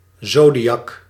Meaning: zodiac
- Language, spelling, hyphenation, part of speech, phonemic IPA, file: Dutch, zodiak, zo‧di‧ak, noun, /ˈzoː.diˌ(j)ɑk/, Nl-zodiak.ogg